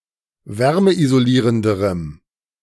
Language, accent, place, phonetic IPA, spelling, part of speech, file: German, Germany, Berlin, [ˈvɛʁməʔizoˌliːʁəndəʁəm], wärmeisolierenderem, adjective, De-wärmeisolierenderem.ogg
- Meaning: strong dative masculine/neuter singular comparative degree of wärmeisolierend